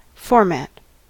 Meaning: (noun) 1. The layout of a publication or document 2. The form of presentation of something
- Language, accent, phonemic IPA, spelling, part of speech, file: English, US, /ˈfɔːɹ.mæt/, format, noun / verb, En-us-format.ogg